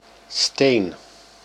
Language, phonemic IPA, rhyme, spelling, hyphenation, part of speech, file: Dutch, /steːn/, -eːn, steen, steen, noun, Nl-steen.ogg
- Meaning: 1. stone (small rock) 2. stone (hard substance) 3. stone (drupe pit) 4. tile, stone (a hard playing piece used in various tabletop games such as dominoes, backgammon or mahjong)